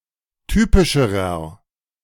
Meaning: inflection of typisch: 1. strong/mixed nominative masculine singular comparative degree 2. strong genitive/dative feminine singular comparative degree 3. strong genitive plural comparative degree
- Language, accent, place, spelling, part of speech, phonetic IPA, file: German, Germany, Berlin, typischerer, adjective, [ˈtyːpɪʃəʁɐ], De-typischerer.ogg